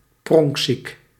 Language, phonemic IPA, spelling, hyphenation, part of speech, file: Dutch, /ˈprɔŋk.sik/, pronkziek, pronk‧ziek, adjective, Nl-pronkziek.ogg
- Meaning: ostentatious, showy